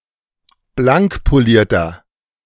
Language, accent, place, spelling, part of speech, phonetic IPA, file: German, Germany, Berlin, blankpolierter, adjective, [ˈblaŋkpoˌliːɐ̯tɐ], De-blankpolierter.ogg
- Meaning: inflection of blankpoliert: 1. strong/mixed nominative masculine singular 2. strong genitive/dative feminine singular 3. strong genitive plural